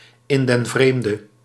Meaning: abroad
- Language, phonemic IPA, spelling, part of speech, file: Dutch, /ˌɪn dɛn ˈvreːm.də/, in den vreemde, phrase, Nl-in den vreemde.ogg